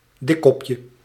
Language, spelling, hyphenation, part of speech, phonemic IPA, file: Dutch, dikkopje, dik‧kop‧je, noun, /ˈdɪkɔpjə/, Nl-dikkopje.ogg
- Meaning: 1. diminutive of dikkop 2. tadpole 3. skipper (butterfly of the family Hesperiidae) 4. sandgoby (Pomatoschistus minutus)